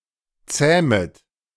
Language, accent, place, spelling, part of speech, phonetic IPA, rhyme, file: German, Germany, Berlin, zähmet, verb, [ˈt͡sɛːmət], -ɛːmət, De-zähmet.ogg
- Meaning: second-person plural subjunctive I of zähmen